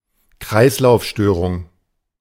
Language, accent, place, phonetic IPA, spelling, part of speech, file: German, Germany, Berlin, [ˈkʁaɪ̯slaʊ̯fˌʃtøːʁʊŋ], Kreislaufstörung, noun, De-Kreislaufstörung.ogg
- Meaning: circulatory disorder